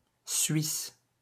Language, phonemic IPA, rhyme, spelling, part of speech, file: French, /sɥis/, -is, Suisse, noun / proper noun, LL-Q150 (fra)-Suisse.wav
- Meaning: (noun) 1. Swiss person 2. alternative letter-case form of suisse (“guard”); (proper noun) Switzerland (a country in Western Europe and Central Europe)